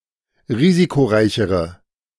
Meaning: inflection of risikoreich: 1. strong/mixed nominative/accusative feminine singular comparative degree 2. strong nominative/accusative plural comparative degree
- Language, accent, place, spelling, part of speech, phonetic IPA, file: German, Germany, Berlin, risikoreichere, adjective, [ˈʁiːzikoˌʁaɪ̯çəʁə], De-risikoreichere.ogg